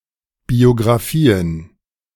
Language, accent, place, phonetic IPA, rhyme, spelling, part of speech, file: German, Germany, Berlin, [bioɡʁaˈfiːən], -iːən, Biographien, noun, De-Biographien.ogg
- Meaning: plural of Biographie